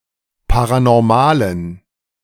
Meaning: inflection of paranormal: 1. strong genitive masculine/neuter singular 2. weak/mixed genitive/dative all-gender singular 3. strong/weak/mixed accusative masculine singular 4. strong dative plural
- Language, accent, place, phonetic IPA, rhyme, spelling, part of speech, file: German, Germany, Berlin, [ˌpaʁanɔʁˈmaːlən], -aːlən, paranormalen, adjective, De-paranormalen.ogg